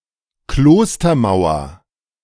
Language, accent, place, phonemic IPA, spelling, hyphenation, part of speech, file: German, Germany, Berlin, /ˈkloːstɐˌmaʊ̯ɐ/, Klostermauer, Klos‧ter‧mau‧er, noun, De-Klostermauer.ogg
- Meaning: monastery wall